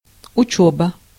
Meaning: 1. studies, learning 2. study, training, drill
- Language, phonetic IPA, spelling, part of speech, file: Russian, [ʊˈt͡ɕɵbə], учёба, noun, Ru-учёба.ogg